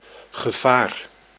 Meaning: danger, peril
- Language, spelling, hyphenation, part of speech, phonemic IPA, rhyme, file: Dutch, gevaar, ge‧vaar, noun, /ɣəˈvaːr/, -aːr, Nl-gevaar.ogg